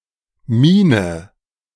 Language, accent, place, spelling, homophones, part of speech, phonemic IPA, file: German, Germany, Berlin, Mine, Miene, noun, /ˈmiːnə/, De-Mine.ogg
- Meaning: 1. mine 2. pencil lead, refill, ballpoint pen reservoir (tube)